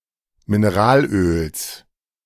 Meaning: genitive singular of Mineralöl
- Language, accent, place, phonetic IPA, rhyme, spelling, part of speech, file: German, Germany, Berlin, [mɪnɛˈʁaːlˌʔøːls], -aːlʔøːls, Mineralöls, noun, De-Mineralöls.ogg